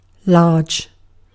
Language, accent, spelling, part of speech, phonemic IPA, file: English, UK, large, adjective / noun / adverb, /lɑːd͡ʒ/, En-uk-large.ogg
- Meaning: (adjective) 1. Of considerable or relatively great size or extent 2. That is large (the manufactured size) 3. Abundant; ample 4. Full in statement; diffuse; profuse 5. Free; unencumbered